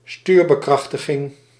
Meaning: power steering
- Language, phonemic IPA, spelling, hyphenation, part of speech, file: Dutch, /ˈstyːr.bəˌkrɑx.tə.ɣɪŋ/, stuurbekrachtiging, stuur‧be‧krach‧ti‧ging, noun, Nl-stuurbekrachtiging.ogg